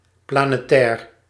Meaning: planetary
- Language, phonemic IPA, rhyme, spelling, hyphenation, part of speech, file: Dutch, /ˌplaː.neːˈtɛːr/, -ɛːr, planetair, pla‧ne‧tair, adjective, Nl-planetair.ogg